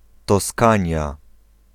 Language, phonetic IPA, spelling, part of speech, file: Polish, [tɔˈskãɲja], Toskania, proper noun, Pl-Toskania.ogg